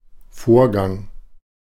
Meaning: 1. process 2. event 3. sequence of events 4. stipulation
- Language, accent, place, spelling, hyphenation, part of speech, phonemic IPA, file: German, Germany, Berlin, Vorgang, Vor‧gang, noun, /ˈfoːɐ̯ˌɡaŋ/, De-Vorgang.ogg